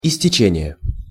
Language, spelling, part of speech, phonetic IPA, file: Russian, истечение, noun, [ɪsʲtʲɪˈt͡ɕenʲɪje], Ru-истечение.ogg
- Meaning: 1. expiration, expiry 2. outflow; efflux; fluxion